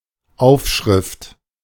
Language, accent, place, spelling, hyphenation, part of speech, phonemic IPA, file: German, Germany, Berlin, Aufschrift, Auf‧schrift, noun, /ˈaʊ̯fˌʃʁɪft/, De-Aufschrift.ogg
- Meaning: 1. label 2. inscription